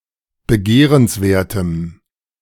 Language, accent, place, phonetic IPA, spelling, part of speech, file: German, Germany, Berlin, [bəˈɡeːʁənsˌveːɐ̯təm], begehrenswertem, adjective, De-begehrenswertem.ogg
- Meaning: strong dative masculine/neuter singular of begehrenswert